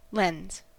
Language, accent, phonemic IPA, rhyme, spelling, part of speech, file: English, US, /lɛnz/, -ɛnz, lens, noun / verb, En-us-lens.ogg
- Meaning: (noun) An object, usually made of glass, that focuses or defocuses the light that passes through it